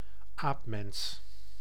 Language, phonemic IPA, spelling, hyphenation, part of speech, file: Dutch, /ˈaːp.mɛns/, aapmens, aap‧mens, noun, Nl-aapmens.ogg
- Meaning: apeman